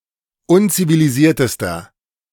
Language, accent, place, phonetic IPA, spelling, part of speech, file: German, Germany, Berlin, [ˈʊnt͡siviliˌziːɐ̯təstɐ], unzivilisiertester, adjective, De-unzivilisiertester.ogg
- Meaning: inflection of unzivilisiert: 1. strong/mixed nominative masculine singular superlative degree 2. strong genitive/dative feminine singular superlative degree